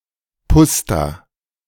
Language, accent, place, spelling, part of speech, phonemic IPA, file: German, Germany, Berlin, Puszta, noun, /ˈpʊsta/, De-Puszta.ogg
- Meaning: pusta